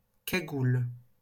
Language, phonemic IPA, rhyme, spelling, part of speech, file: French, /ka.ɡul/, -ul, cagoule, noun, LL-Q150 (fra)-cagoule.wav
- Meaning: 1. cowl 2. balaclava